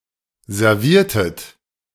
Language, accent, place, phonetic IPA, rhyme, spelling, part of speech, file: German, Germany, Berlin, [zɛʁˈviːɐ̯tət], -iːɐ̯tət, serviertet, verb, De-serviertet.ogg
- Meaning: inflection of servieren: 1. second-person plural preterite 2. second-person plural subjunctive II